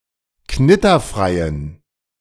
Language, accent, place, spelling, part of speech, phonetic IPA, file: German, Germany, Berlin, knitterfreien, adjective, [ˈknɪtɐˌfʁaɪ̯ən], De-knitterfreien.ogg
- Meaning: inflection of knitterfrei: 1. strong genitive masculine/neuter singular 2. weak/mixed genitive/dative all-gender singular 3. strong/weak/mixed accusative masculine singular 4. strong dative plural